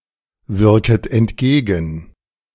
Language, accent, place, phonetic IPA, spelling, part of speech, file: German, Germany, Berlin, [ˌvɪʁkət ɛntˈɡeːɡn̩], wirket entgegen, verb, De-wirket entgegen.ogg
- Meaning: second-person plural subjunctive I of entgegenwirken